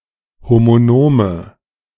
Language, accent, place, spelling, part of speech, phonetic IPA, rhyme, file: German, Germany, Berlin, homonome, adjective, [ˌhomoˈnoːmə], -oːmə, De-homonome.ogg
- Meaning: inflection of homonom: 1. strong/mixed nominative/accusative feminine singular 2. strong nominative/accusative plural 3. weak nominative all-gender singular 4. weak accusative feminine/neuter singular